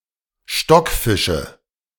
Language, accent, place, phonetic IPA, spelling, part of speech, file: German, Germany, Berlin, [ˈʃtɔkˌfɪʃə], Stockfische, noun, De-Stockfische.ogg
- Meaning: nominative/accusative/genitive plural of Stockfisch